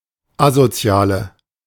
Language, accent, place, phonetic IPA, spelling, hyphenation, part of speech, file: German, Germany, Berlin, [ˈazoˌt͡si̯aːlə], Asoziale, A‧so‧zi‧a‧le, noun, De-Asoziale.ogg
- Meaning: 1. female equivalent of Asozialer: antisocial female 2. inflection of Asozialer: strong nominative/accusative plural 3. inflection of Asozialer: weak nominative singular